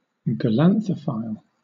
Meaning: An enthusiastic collector of snowdrops
- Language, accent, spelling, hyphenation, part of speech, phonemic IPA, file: English, Southern England, galanthophile, ga‧lan‧tho‧phile, noun, /ɡəˈlanθə(ʊ)fʌɪl/, LL-Q1860 (eng)-galanthophile.wav